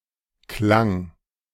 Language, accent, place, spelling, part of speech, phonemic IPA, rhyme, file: German, Germany, Berlin, Klang, noun, /klaŋ/, -aŋ, De-Klang.ogg
- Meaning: 1. sound, tone 2. tune, melody 3. reputation